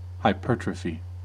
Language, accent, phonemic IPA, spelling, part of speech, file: English, US, /haɪˈpɜɹ.tɹə.fi/, hypertrophy, noun / verb, En-us-hypertrophy.ogg
- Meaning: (noun) An increase in the size of an organ or tissue due to the enlargement of its individual cells